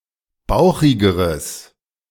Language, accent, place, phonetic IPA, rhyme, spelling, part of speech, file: German, Germany, Berlin, [ˈbaʊ̯xɪɡəʁəs], -aʊ̯xɪɡəʁəs, bauchigeres, adjective, De-bauchigeres.ogg
- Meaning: strong/mixed nominative/accusative neuter singular comparative degree of bauchig